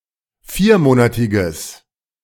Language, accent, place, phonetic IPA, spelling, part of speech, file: German, Germany, Berlin, [ˈfiːɐ̯ˌmoːnatɪɡəs], viermonatiges, adjective, De-viermonatiges.ogg
- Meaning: strong/mixed nominative/accusative neuter singular of viermonatig